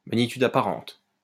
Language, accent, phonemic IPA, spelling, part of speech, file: French, France, /ma.ɲi.tyd a.pa.ʁɑ̃t/, magnitude apparente, noun, LL-Q150 (fra)-magnitude apparente.wav
- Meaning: apparent magnitude